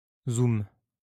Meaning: zoom
- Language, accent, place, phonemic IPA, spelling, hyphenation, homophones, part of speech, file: French, France, Lyon, /zum/, zoom, zoom, zooms, noun, LL-Q150 (fra)-zoom.wav